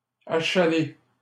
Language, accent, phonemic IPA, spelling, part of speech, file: French, Canada, /a.ʃa.le/, achaler, verb, LL-Q150 (fra)-achaler.wav
- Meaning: to annoy, harass, badger